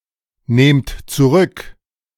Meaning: inflection of zurücknehmen: 1. second-person plural present 2. plural imperative
- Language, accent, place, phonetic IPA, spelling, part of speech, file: German, Germany, Berlin, [ˌneːmt t͡suˈʁʏk], nehmt zurück, verb, De-nehmt zurück.ogg